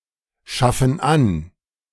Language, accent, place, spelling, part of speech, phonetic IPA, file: German, Germany, Berlin, schaffen an, verb, [ˌʃafn̩ ˈan], De-schaffen an.ogg
- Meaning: inflection of anschaffen: 1. first/third-person plural present 2. first/third-person plural subjunctive I